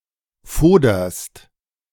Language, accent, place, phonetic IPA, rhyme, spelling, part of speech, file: German, Germany, Berlin, [ˈfoːdɐst], -oːdɐst, foderst, verb, De-foderst.ogg
- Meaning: second-person singular present of fodern